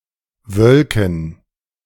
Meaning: to cloud up
- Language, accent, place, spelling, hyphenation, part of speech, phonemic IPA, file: German, Germany, Berlin, wölken, wöl‧ken, verb, /ˈvœlkn̩/, De-wölken.ogg